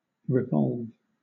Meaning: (verb) 1. To bring back into a particular place or condition; to restore 2. To cause (something) to turn around a central point 3. To orbit a central point (especially of a celestial body)
- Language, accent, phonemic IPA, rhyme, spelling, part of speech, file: English, Southern England, /ɹɪˈvɒlv/, -ɒlv, revolve, verb / noun, LL-Q1860 (eng)-revolve.wav